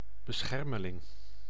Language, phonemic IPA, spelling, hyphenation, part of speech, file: Dutch, /bəˈsxɛr.mə.lɪŋ/, beschermeling, be‧scher‧me‧ling, noun, Nl-beschermeling.ogg
- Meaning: a protégé